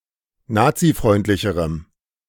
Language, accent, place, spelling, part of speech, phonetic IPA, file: German, Germany, Berlin, nazifreundlicherem, adjective, [ˈnaːt͡siˌfʁɔɪ̯ntlɪçəʁəm], De-nazifreundlicherem.ogg
- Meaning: strong dative masculine/neuter singular comparative degree of nazifreundlich